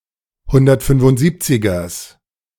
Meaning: genitive singular of 175er
- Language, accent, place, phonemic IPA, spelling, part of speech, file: German, Germany, Berlin, /hʊndɐtfʏnfʊntˈziːpt͡sɪɡɐs/, 175ers, noun, De-175ers.ogg